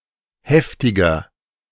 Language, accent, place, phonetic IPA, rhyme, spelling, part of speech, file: German, Germany, Berlin, [ˈhɛftɪɡɐ], -ɛftɪɡɐ, heftiger, adjective, De-heftiger.ogg
- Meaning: 1. comparative degree of heftig 2. inflection of heftig: strong/mixed nominative masculine singular 3. inflection of heftig: strong genitive/dative feminine singular